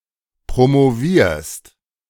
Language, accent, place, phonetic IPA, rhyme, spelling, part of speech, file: German, Germany, Berlin, [pʁomoˈviːɐ̯st], -iːɐ̯st, promovierst, verb, De-promovierst.ogg
- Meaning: second-person singular present of promovieren